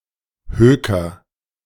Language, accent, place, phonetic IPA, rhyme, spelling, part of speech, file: German, Germany, Berlin, [ˈhøːkɐ], -øːkɐ, höker, verb, De-höker.ogg
- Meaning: inflection of hökern: 1. first-person singular present 2. singular imperative